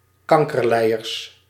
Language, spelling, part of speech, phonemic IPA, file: Dutch, kankerlijers, noun, /ˈkɑŋkərˌlɛijərs/, Nl-kankerlijers.ogg
- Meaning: plural of kankerlijer